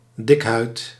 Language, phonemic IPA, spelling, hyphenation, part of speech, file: Dutch, /ˈdɪk.ɦœy̯t/, dikhuid, dik‧huid, noun, Nl-dikhuid.ogg
- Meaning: elephant